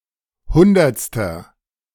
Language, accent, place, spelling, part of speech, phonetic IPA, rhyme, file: German, Germany, Berlin, hundertster, adjective, [ˈhʊndɐt͡stɐ], -ʊndɐt͡stɐ, De-hundertster.ogg
- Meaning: inflection of hundertste: 1. strong/mixed nominative masculine singular 2. strong genitive/dative feminine singular 3. strong genitive plural